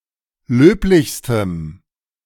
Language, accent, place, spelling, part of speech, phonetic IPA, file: German, Germany, Berlin, löblichstem, adjective, [ˈløːplɪçstəm], De-löblichstem.ogg
- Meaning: strong dative masculine/neuter singular superlative degree of löblich